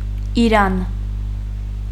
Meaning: Iran (a country in West Asia)
- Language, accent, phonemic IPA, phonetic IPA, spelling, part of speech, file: Armenian, Eastern Armenian, /iˈɾɑn/, [iɾɑ́n], Իրան, proper noun, Hy-Իրան.ogg